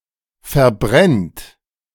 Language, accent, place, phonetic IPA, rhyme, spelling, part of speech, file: German, Germany, Berlin, [fɛɐ̯ˈbʁɛnt], -ɛnt, verbrennt, verb, De-verbrennt.ogg
- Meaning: inflection of verbrennen: 1. third-person singular present 2. second-person plural present 3. plural imperative